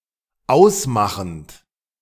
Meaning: present participle of ausmachen
- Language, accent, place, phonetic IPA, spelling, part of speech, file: German, Germany, Berlin, [ˈaʊ̯sˌmaxn̩t], ausmachend, verb, De-ausmachend.ogg